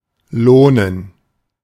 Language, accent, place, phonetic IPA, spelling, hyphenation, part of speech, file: German, Germany, Berlin, [ˈloːnən], lohnen, loh‧nen, verb, De-lohnen.ogg
- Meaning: 1. to be worthwhile 2. to pay off